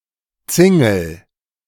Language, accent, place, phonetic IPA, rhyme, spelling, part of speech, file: German, Germany, Berlin, [ˈt͡sɪŋl̩], -ɪŋl̩, Zingel, noun, De-Zingel.ogg
- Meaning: curtain wall